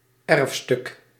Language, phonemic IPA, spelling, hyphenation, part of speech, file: Dutch, /ˈɛrf.stʏk/, erfstuk, erf‧stuk, noun, Nl-erfstuk.ogg
- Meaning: heirloom